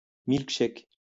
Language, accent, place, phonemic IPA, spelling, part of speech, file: French, France, Lyon, /milk.ʃɛk/, milk-shake, noun, LL-Q150 (fra)-milk-shake.wav
- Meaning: alternative spelling of milkshake